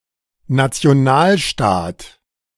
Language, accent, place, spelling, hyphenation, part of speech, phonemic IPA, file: German, Germany, Berlin, Nationalstaat, Na‧ti‧o‧nal‧staat, noun, /nat͡si̯oˈnaːlˌʃtaːt/, De-Nationalstaat.ogg
- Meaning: nation-state